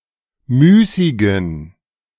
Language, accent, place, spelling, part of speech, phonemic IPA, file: German, Germany, Berlin, müßigen, verb / adjective, /ˈmyːsɪɡən/, De-müßigen.ogg
- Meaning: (verb) 1. to abstain from, to forgo 2. to motivate, to impel; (adjective) inflection of müßig: 1. strong genitive masculine/neuter singular 2. weak/mixed genitive/dative all-gender singular